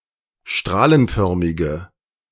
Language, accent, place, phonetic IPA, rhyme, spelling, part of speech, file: German, Germany, Berlin, [ˈʃtʁaːlənˌfœʁmɪɡə], -aːlənfœʁmɪɡə, strahlenförmige, adjective, De-strahlenförmige.ogg
- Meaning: inflection of strahlenförmig: 1. strong/mixed nominative/accusative feminine singular 2. strong nominative/accusative plural 3. weak nominative all-gender singular